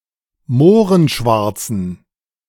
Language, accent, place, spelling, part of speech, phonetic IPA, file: German, Germany, Berlin, mohrenschwarzen, adjective, [ˈmoːʁənˌʃvaʁt͡sn̩], De-mohrenschwarzen.ogg
- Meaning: inflection of mohrenschwarz: 1. strong genitive masculine/neuter singular 2. weak/mixed genitive/dative all-gender singular 3. strong/weak/mixed accusative masculine singular 4. strong dative plural